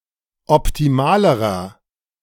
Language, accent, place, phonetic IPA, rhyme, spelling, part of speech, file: German, Germany, Berlin, [ɔptiˈmaːləʁɐ], -aːləʁɐ, optimalerer, adjective, De-optimalerer.ogg
- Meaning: inflection of optimal: 1. strong/mixed nominative masculine singular comparative degree 2. strong genitive/dative feminine singular comparative degree 3. strong genitive plural comparative degree